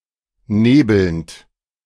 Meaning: present participle of nebeln
- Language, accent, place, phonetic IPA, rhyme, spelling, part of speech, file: German, Germany, Berlin, [ˈneːbl̩nt], -eːbl̩nt, nebelnd, verb, De-nebelnd.ogg